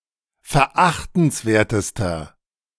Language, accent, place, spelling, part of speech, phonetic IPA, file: German, Germany, Berlin, verachtenswertester, adjective, [fɛɐ̯ˈʔaxtn̩sˌveːɐ̯təstɐ], De-verachtenswertester.ogg
- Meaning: inflection of verachtenswert: 1. strong/mixed nominative masculine singular superlative degree 2. strong genitive/dative feminine singular superlative degree